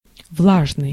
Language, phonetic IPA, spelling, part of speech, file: Russian, [ˈvɫaʐnɨj], влажный, adjective, Ru-влажный.ogg
- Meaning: humid, moist, damp